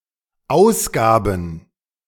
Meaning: first/third-person plural dependent preterite of ausgeben
- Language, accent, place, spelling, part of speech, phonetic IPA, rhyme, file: German, Germany, Berlin, ausgaben, verb, [ˈaʊ̯sˌɡaːbn̩], -aʊ̯sɡaːbn̩, De-ausgaben.ogg